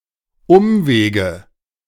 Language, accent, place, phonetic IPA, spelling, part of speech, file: German, Germany, Berlin, [ˈʊmˌveːɡə], Umwege, noun, De-Umwege.ogg
- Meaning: nominative/accusative/genitive plural of Umweg